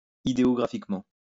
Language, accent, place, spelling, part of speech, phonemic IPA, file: French, France, Lyon, idéographiquement, adverb, /i.de.ɔ.ɡʁa.fik.mɑ̃/, LL-Q150 (fra)-idéographiquement.wav
- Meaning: ideographically